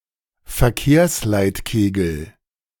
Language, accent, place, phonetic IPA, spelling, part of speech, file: German, Germany, Berlin, [fɛɐ̯ˈkeːɐ̯slaɪ̯tˌkeːɡl̩], Verkehrsleitkegel, noun, De-Verkehrsleitkegel.ogg
- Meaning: traffic cone